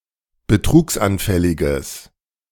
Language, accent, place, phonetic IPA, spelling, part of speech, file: German, Germany, Berlin, [bəˈtʁuːksʔanˌfɛlɪɡəs], betrugsanfälliges, adjective, De-betrugsanfälliges.ogg
- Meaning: strong/mixed nominative/accusative neuter singular of betrugsanfällig